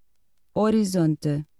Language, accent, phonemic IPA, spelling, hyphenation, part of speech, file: Portuguese, Portugal, /ɔ.ɾiˈzõ.tɨ/, horizonte, ho‧ri‧zon‧te, noun, Pt-horizonte.ogg
- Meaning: horizon (line that appears to separate Earth from the sky)